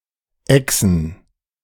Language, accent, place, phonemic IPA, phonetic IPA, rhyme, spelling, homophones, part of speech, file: German, Germany, Berlin, /ˈɛksən/, [ˈʔɛksn̩], -ɛksn̩, exen, Echsen / Exen, verb, De-exen.ogg
- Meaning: to down (to drink or swallow) quickly, to skol, to chug, to guzzle down